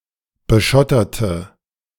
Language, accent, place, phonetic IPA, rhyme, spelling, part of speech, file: German, Germany, Berlin, [bəˈʃɔtɐtə], -ɔtɐtə, beschotterte, adjective / verb, De-beschotterte.ogg
- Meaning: inflection of beschottern: 1. first/third-person singular preterite 2. first/third-person singular subjunctive II